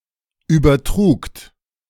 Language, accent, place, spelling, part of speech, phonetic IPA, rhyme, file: German, Germany, Berlin, übertrugt, verb, [ˌyːbɐˈtʁuːkt], -uːkt, De-übertrugt.ogg
- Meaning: second-person plural preterite of übertragen